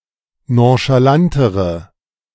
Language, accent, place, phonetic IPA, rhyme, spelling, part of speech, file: German, Germany, Berlin, [ˌnõʃaˈlantəʁə], -antəʁə, nonchalantere, adjective, De-nonchalantere.ogg
- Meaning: inflection of nonchalant: 1. strong/mixed nominative/accusative feminine singular comparative degree 2. strong nominative/accusative plural comparative degree